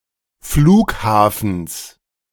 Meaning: genitive singular of Flughafen
- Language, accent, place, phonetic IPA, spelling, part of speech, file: German, Germany, Berlin, [ˈfluːkˌhaːfn̩s], Flughafens, noun, De-Flughafens.ogg